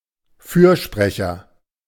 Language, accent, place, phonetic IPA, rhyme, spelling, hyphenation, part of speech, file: German, Germany, Berlin, [ˈfyːɐ̯ˌʃpʁɛçɐ], -ɛçɐ, Fürsprecher, Für‧spre‧cher, noun, De-Fürsprecher.ogg
- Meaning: 1. advocate 2. lawyer